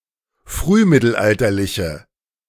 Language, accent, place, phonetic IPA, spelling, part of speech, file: German, Germany, Berlin, [ˈfʁyːˌmɪtl̩ʔaltɐlɪçə], frühmittelalterliche, adjective, De-frühmittelalterliche.ogg
- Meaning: inflection of frühmittelalterlich: 1. strong/mixed nominative/accusative feminine singular 2. strong nominative/accusative plural 3. weak nominative all-gender singular